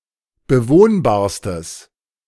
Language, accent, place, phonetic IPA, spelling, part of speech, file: German, Germany, Berlin, [bəˈvoːnbaːɐ̯stəs], bewohnbarstes, adjective, De-bewohnbarstes.ogg
- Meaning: strong/mixed nominative/accusative neuter singular superlative degree of bewohnbar